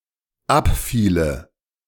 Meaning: first/third-person singular dependent subjunctive II of abfallen
- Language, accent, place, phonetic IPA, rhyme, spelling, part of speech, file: German, Germany, Berlin, [ˈapˌfiːlə], -apfiːlə, abfiele, verb, De-abfiele.ogg